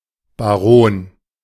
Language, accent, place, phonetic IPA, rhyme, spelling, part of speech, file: German, Germany, Berlin, [baˈʁoːn], -oːn, Baron, noun, De-Baron.ogg
- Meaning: baron